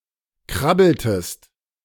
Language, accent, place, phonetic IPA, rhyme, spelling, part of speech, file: German, Germany, Berlin, [ˈkʁabl̩təst], -abl̩təst, krabbeltest, verb, De-krabbeltest.ogg
- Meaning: inflection of krabbeln: 1. second-person singular preterite 2. second-person singular subjunctive II